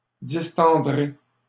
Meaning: second-person plural simple future of distendre
- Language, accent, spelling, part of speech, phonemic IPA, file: French, Canada, distendrez, verb, /dis.tɑ̃.dʁe/, LL-Q150 (fra)-distendrez.wav